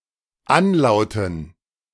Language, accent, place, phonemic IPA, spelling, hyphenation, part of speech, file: German, Germany, Berlin, /ˈanˌlaʊ̯tn̩/, anlauten, an‧lau‧ten, verb, De-anlauten.ogg
- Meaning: to have as an anlaut